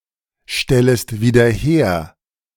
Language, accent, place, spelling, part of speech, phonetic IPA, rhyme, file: German, Germany, Berlin, stellest wieder her, verb, [ˌʃtɛləst viːdɐ ˈheːɐ̯], -eːɐ̯, De-stellest wieder her.ogg
- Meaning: second-person singular subjunctive I of wiederherstellen